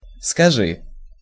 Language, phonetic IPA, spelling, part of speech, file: Russian, [skɐˈʐɨ], скажи, verb, Ru-скажи.ogg
- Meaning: second-person singular imperative perfective of сказа́ть (skazátʹ)